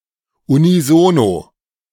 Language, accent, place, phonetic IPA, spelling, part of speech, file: German, Germany, Berlin, [uniˈzoːno], unisono, adverb, De-unisono.ogg
- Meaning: in unison